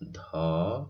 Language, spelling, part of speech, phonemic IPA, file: Odia, ଧ, character, /d̪ʱɔ/, Or-ଧ.oga
- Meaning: The thirty-third character in the Odia abugida